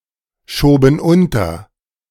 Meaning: first/third-person plural preterite of unterschieben
- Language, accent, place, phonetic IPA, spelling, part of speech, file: German, Germany, Berlin, [ˌʃoːbn̩ ˈʊntɐ], schoben unter, verb, De-schoben unter.ogg